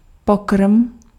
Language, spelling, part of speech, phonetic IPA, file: Czech, pokrm, noun, [ˈpokr̩m], Cs-pokrm.ogg
- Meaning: dish, meal